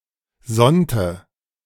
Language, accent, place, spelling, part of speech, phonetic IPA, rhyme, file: German, Germany, Berlin, sonnte, verb, [ˈzɔntə], -ɔntə, De-sonnte.ogg
- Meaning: inflection of sonnen: 1. first/third-person singular preterite 2. first/third-person singular subjunctive II